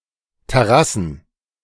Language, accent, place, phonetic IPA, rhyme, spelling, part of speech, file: German, Germany, Berlin, [tɛˈʁasn̩], -asn̩, Terrassen, noun, De-Terrassen.ogg
- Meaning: plural of Terrasse